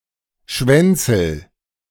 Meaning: inflection of schwänzeln: 1. first-person singular present 2. singular imperative
- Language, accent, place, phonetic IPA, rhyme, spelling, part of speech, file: German, Germany, Berlin, [ˈʃvɛnt͡sl̩], -ɛnt͡sl̩, schwänzel, verb, De-schwänzel.ogg